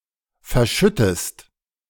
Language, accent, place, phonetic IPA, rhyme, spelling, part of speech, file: German, Germany, Berlin, [fɛɐ̯ˈʃʏtəst], -ʏtəst, verschüttest, verb, De-verschüttest.ogg
- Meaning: inflection of verschütten: 1. second-person singular present 2. second-person singular subjunctive I